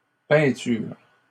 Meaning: plural of peinture
- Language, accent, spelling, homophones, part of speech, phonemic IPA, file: French, Canada, peintures, peinture / peinturent, noun, /pɛ̃.tyʁ/, LL-Q150 (fra)-peintures.wav